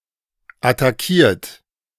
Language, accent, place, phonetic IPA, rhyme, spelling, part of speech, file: German, Germany, Berlin, [ataˈkiːɐ̯t], -iːɐ̯t, attackiert, verb, De-attackiert.ogg
- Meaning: 1. past participle of attackieren 2. inflection of attackieren: third-person singular present 3. inflection of attackieren: second-person plural present 4. inflection of attackieren: plural imperative